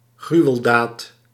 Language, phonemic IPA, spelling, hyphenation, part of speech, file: Dutch, /ˈɣry.əlˌdaːt/, gruweldaad, gru‧wel‧daad, noun, Nl-gruweldaad.ogg
- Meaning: horrific action, abominable deed